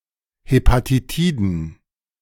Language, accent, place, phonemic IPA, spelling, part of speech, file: German, Germany, Berlin, /ˌhepatiˈtiːdn̩/, Hepatitiden, noun, De-Hepatitiden.ogg
- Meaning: plural of Hepatitis